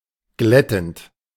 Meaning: present participle of glätten
- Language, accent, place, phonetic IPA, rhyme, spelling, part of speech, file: German, Germany, Berlin, [ˈɡlɛtn̩t], -ɛtn̩t, glättend, verb, De-glättend.ogg